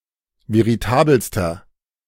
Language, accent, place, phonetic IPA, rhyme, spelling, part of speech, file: German, Germany, Berlin, [veʁiˈtaːbəlstɐ], -aːbəlstɐ, veritabelster, adjective, De-veritabelster.ogg
- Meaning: inflection of veritabel: 1. strong/mixed nominative masculine singular superlative degree 2. strong genitive/dative feminine singular superlative degree 3. strong genitive plural superlative degree